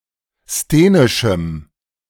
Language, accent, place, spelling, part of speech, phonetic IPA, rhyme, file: German, Germany, Berlin, sthenischem, adjective, [steːnɪʃm̩], -eːnɪʃm̩, De-sthenischem.ogg
- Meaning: strong dative masculine/neuter singular of sthenisch